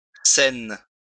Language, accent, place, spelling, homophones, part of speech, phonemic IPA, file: French, France, Lyon, Cène, saine / saines / scène / scènes / Seine, noun, /sɛn/, LL-Q150 (fra)-Cène.wav
- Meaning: 1. Holy Communion 2. Last Supper